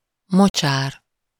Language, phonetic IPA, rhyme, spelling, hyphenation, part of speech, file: Hungarian, [ˈmot͡ʃaːr], -aːr, mocsár, mo‧csár, noun, Hu-mocsár.ogg
- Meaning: 1. marsh, swamp 2. gutter, sink